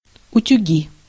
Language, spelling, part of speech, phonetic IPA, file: Russian, утюги, noun, [ʊtʲʉˈɡʲi], Ru-утюги.ogg
- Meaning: nominative/accusative plural of утю́г (utjúg)